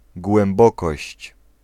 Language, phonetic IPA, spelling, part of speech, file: Polish, [ɡwɛ̃mˈbɔkɔɕt͡ɕ], głębokość, noun, Pl-głębokość.ogg